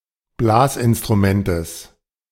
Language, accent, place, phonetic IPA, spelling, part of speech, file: German, Germany, Berlin, [ˈblaːsʔɪnstʁuˌmɛntəs], Blasinstrumentes, noun, De-Blasinstrumentes.ogg
- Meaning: genitive singular of Blasinstrument